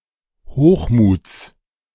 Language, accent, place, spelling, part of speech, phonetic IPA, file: German, Germany, Berlin, Hochmuts, noun, [ˈhoːxˌmuːt͡s], De-Hochmuts.ogg
- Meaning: genitive singular of Hochmut